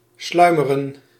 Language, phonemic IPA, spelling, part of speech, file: Dutch, /ˈslœymərə(n)/, sluimeren, verb, Nl-sluimeren.ogg
- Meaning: to slumber